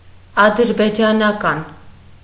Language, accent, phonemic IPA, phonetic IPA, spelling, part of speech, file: Armenian, Eastern Armenian, /ɑdəɾbed͡ʒɑnɑˈkɑn/, [ɑdəɾbed͡ʒɑnɑkɑ́n], ադրբեջանական, adjective, Hy-ադրբեջանական.ogg
- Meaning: Azerbaijani (of, from, or pertaining to Azerbaijan)